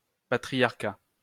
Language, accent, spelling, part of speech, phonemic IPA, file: French, France, patriarcat, noun, /pa.tʁi.jaʁ.ka/, LL-Q150 (fra)-patriarcat.wav
- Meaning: 1. patriarchy 2. patriarchate